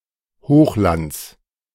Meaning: genitive singular of Hochland
- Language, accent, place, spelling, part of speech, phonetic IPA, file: German, Germany, Berlin, Hochlands, noun, [ˈhoːxˌlant͡s], De-Hochlands.ogg